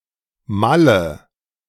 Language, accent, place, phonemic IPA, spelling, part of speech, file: German, Germany, Berlin, /ˈmalə/, Malle, proper noun, De-Malle.ogg
- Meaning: short for Mallorca